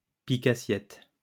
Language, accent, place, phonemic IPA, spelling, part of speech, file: French, France, Lyon, /pi.ka.sjɛt/, pique-assiette, noun, LL-Q150 (fra)-pique-assiette.wav
- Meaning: scrounger, freeloader, gatecrasher, sponger